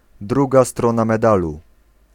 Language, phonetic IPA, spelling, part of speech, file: Polish, [ˈdruɡa ˈstrɔ̃na mɛˈdalu], druga strona medalu, phrase, Pl-druga strona medalu.ogg